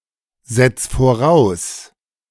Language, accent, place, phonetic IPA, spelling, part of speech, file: German, Germany, Berlin, [ˌzɛt͡s foˈʁaʊ̯s], setz voraus, verb, De-setz voraus.ogg
- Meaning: 1. singular imperative of voraussetzen 2. first-person singular present of voraussetzen